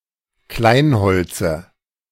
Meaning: dative singular of Kleinholz
- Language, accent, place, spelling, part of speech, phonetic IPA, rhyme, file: German, Germany, Berlin, Kleinholze, noun, [ˈklaɪ̯nˌhɔlt͡sə], -aɪ̯nhɔlt͡sə, De-Kleinholze.ogg